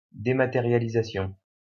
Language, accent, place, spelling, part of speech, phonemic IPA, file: French, France, Lyon, dématérialisation, noun, /de.ma.te.ʁja.li.za.sjɔ̃/, LL-Q150 (fra)-dématérialisation.wav
- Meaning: dematerialization